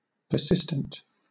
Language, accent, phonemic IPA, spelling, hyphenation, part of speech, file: English, Southern England, /pəˈsɪstənt/, persistent, per‧sis‧tent, adjective, LL-Q1860 (eng)-persistent.wav
- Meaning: 1. Obstinately refusing to give up or let go 2. Insistently repetitive 3. Indefinitely continuous 4. Lasting past maturity without falling off